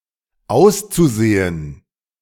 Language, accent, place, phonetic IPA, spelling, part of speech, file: German, Germany, Berlin, [ˈaʊ̯st͡suˌz̥eːən], auszusehen, verb, De-auszusehen.ogg
- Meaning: zu-infinitive of aussehen